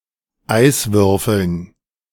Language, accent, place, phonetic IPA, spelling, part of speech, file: German, Germany, Berlin, [ˈaɪ̯svʏʁfl̩n], Eiswürfeln, noun, De-Eiswürfeln.ogg
- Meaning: dative plural of Eiswürfel